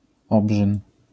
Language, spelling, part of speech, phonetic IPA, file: Polish, obrzyn, noun, [ˈɔbʒɨ̃n], LL-Q809 (pol)-obrzyn.wav